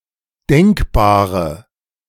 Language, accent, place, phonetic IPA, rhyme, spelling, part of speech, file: German, Germany, Berlin, [ˈdɛŋkbaːʁə], -ɛŋkbaːʁə, denkbare, adjective, De-denkbare.ogg
- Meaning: inflection of denkbar: 1. strong/mixed nominative/accusative feminine singular 2. strong nominative/accusative plural 3. weak nominative all-gender singular 4. weak accusative feminine/neuter singular